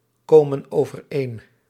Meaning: inflection of overeenkomen: 1. plural present indicative 2. plural present subjunctive
- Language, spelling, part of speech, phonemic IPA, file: Dutch, komen overeen, verb, /ˈkomə(n) ovərˈen/, Nl-komen overeen.ogg